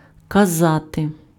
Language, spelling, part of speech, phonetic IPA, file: Ukrainian, казати, verb, [kɐˈzate], Uk-казати.ogg
- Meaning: 1. to say, to tell 2. to command, to order 3. to indicate